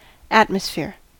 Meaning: 1. The gases surrounding the Earth or any astronomical body 2. The air in a particular place 3. The conditions (such as music, illumination, etc.) that can influence the mood felt in an environment
- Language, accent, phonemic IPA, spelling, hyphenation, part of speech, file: English, US, /ˈætməsˌfɪɹ/, atmosphere, at‧mos‧phere, noun, En-us-atmosphere.ogg